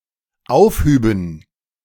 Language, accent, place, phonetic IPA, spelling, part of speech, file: German, Germany, Berlin, [ˈaʊ̯fˌhyːbn̩], aufhüben, verb, De-aufhüben.ogg
- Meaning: first/third-person plural dependent subjunctive II of aufheben